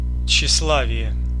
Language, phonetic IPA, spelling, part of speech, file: Russian, [t͡ɕɕːɪsˈɫavʲɪje], тщеславие, noun, Ru-тщеславие.ogg
- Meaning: vanity, vainglory (excessive vanity)